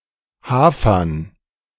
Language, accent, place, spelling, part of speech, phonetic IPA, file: German, Germany, Berlin, Hafern, noun, [ˈhaːfɐn], De-Hafern.ogg
- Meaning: dative plural of Hafer